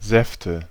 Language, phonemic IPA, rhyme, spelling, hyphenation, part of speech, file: German, /ˈzɛftə/, -ɛftə, Säfte, Säf‧te, noun, De-Säfte.ogg
- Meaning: nominative/accusative/genitive plural of Saft "juices"